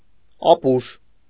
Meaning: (adjective) dumb, stupid, foolish; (noun) dumbass, fool, moron, idiot
- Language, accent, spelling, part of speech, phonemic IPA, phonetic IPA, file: Armenian, Eastern Armenian, ապուշ, adjective / noun, /ɑˈpuʃ/, [ɑpúʃ], Hy-ապուշ.ogg